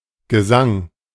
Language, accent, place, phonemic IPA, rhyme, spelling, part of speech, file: German, Germany, Berlin, /ɡəˈzaŋ/, -aŋ, Gesang, noun, De-Gesang.ogg
- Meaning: 1. singing, vocals 2. section of an epic poem; canto